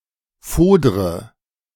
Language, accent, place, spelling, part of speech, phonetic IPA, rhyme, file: German, Germany, Berlin, fodre, verb, [ˈfoːdʁə], -oːdʁə, De-fodre.ogg
- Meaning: inflection of fodern: 1. first-person singular present 2. first/third-person singular subjunctive I 3. singular imperative